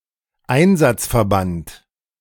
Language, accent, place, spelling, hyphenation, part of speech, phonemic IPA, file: German, Germany, Berlin, Einsatzverband, Ein‧satz‧ver‧band, noun, /ˈaɪ̯nzatsfɛɐ̯ˌbant/, De-Einsatzverband.ogg
- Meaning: operational unit, squad, mission contingent, reaction force, task force